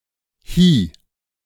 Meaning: alternative form of hier (“here”)
- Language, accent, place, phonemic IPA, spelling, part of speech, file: German, Germany, Berlin, /hiː/, hie, adverb, De-hie.ogg